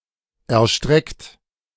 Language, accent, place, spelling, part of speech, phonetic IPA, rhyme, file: German, Germany, Berlin, erstreckt, verb, [ɛɐ̯ˈʃtʁɛkt], -ɛkt, De-erstreckt.ogg
- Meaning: 1. past participle of erstrecken 2. inflection of erstrecken: third-person singular present 3. inflection of erstrecken: second-person plural present 4. inflection of erstrecken: plural imperative